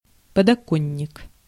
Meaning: windowsill
- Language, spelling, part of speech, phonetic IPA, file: Russian, подоконник, noun, [pədɐˈkonʲːɪk], Ru-подоконник.ogg